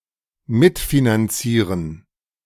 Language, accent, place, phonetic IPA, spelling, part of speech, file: German, Germany, Berlin, [ˈmɪtfinanˌt͡siːʁən], mitfinanzieren, verb, De-mitfinanzieren.ogg
- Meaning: to cofinance